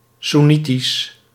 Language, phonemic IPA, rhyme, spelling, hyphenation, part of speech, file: Dutch, /suˈni.tis/, -itis, soennitisch, soen‧ni‧tisch, adjective, Nl-soennitisch.ogg
- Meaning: Sunni, Sunnite